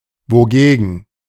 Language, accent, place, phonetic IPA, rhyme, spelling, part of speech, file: German, Germany, Berlin, [voˈɡeːɡn̩], -eːɡn̩, wogegen, adverb, De-wogegen.ogg
- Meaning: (adverb) against what, against which; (conjunction) whereas